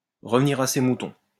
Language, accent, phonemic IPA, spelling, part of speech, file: French, France, /ʁə.v(ə).ni.ʁ‿a se mu.tɔ̃/, revenir à ses moutons, verb, LL-Q150 (fra)-revenir à ses moutons.wav
- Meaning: to return to one's muttons, to get back to the topic at hand, to get back to the point